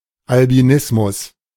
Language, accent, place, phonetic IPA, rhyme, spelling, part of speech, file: German, Germany, Berlin, [albiˈnɪsmʊs], -ɪsmʊs, Albinismus, noun, De-Albinismus.ogg
- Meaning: albinism